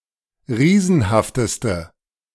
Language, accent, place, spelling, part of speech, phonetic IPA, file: German, Germany, Berlin, riesenhafteste, adjective, [ˈʁiːzn̩haftəstə], De-riesenhafteste.ogg
- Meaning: inflection of riesenhaft: 1. strong/mixed nominative/accusative feminine singular superlative degree 2. strong nominative/accusative plural superlative degree